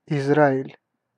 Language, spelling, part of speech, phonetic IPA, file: Russian, Израиль, proper noun, [ɪzˈraɪlʲ], Ru-Израиль.ogg
- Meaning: 1. Israel (a country in Western Asia in the Middle East, at the eastern shore of the Mediterranean) 2. a male given name, Izrail, from Hebrew, equivalent to English Israel